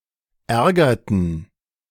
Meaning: inflection of ärgern: 1. first/third-person plural preterite 2. first/third-person plural subjunctive II
- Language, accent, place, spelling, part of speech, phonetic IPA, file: German, Germany, Berlin, ärgerten, verb, [ˈɛʁɡɐtn̩], De-ärgerten.ogg